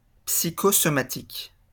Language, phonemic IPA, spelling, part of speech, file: French, /psi.kɔ.sɔ.ma.tik/, psychosomatique, adjective, LL-Q150 (fra)-psychosomatique.wav
- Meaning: psychosomatic (of physical effects with mental causes)